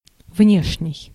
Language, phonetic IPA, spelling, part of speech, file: Russian, [ˈvnʲeʂnʲɪj], внешний, adjective, Ru-внешний.ogg
- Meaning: 1. outer, exterior, outside, external 2. outward 3. superficial, surface 4. external, foreign